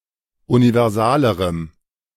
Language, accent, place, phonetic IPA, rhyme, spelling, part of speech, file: German, Germany, Berlin, [univɛʁˈzaːləʁəm], -aːləʁəm, universalerem, adjective, De-universalerem.ogg
- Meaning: strong dative masculine/neuter singular comparative degree of universal